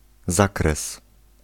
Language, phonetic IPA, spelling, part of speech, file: Polish, [ˈzakrɛs], zakres, noun, Pl-zakres.ogg